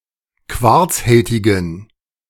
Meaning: inflection of quarzhältig: 1. strong genitive masculine/neuter singular 2. weak/mixed genitive/dative all-gender singular 3. strong/weak/mixed accusative masculine singular 4. strong dative plural
- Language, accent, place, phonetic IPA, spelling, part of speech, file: German, Germany, Berlin, [ˈkvaʁt͡sˌhɛltɪɡn̩], quarzhältigen, adjective, De-quarzhältigen.ogg